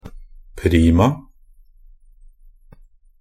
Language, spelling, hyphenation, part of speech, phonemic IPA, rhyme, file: Norwegian Bokmål, prima, pri‧ma, adverb, /ˈpriːma/, -iːma, NB - Pronunciation of Norwegian Bokmål «prima».ogg
- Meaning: only used in a prima vista (“sight-read”)